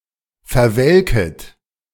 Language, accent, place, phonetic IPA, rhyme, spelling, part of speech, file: German, Germany, Berlin, [fɛɐ̯ˈvɛlkət], -ɛlkət, verwelket, verb, De-verwelket.ogg
- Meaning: second-person plural subjunctive I of verwelken